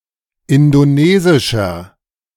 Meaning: 1. comparative degree of indonesisch 2. inflection of indonesisch: strong/mixed nominative masculine singular 3. inflection of indonesisch: strong genitive/dative feminine singular
- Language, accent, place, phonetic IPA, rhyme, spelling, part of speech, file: German, Germany, Berlin, [ˌɪndoˈneːzɪʃɐ], -eːzɪʃɐ, indonesischer, adjective, De-indonesischer.ogg